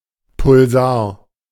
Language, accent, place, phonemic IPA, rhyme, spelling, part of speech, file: German, Germany, Berlin, /pʊlˈzaːɐ̯/, -aːɐ̯, Pulsar, noun, De-Pulsar.ogg
- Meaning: pulsar